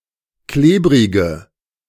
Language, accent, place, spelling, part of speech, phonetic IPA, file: German, Germany, Berlin, klebrige, adjective, [ˈkleːbʁɪɡə], De-klebrige.ogg
- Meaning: inflection of klebrig: 1. strong/mixed nominative/accusative feminine singular 2. strong nominative/accusative plural 3. weak nominative all-gender singular 4. weak accusative feminine/neuter singular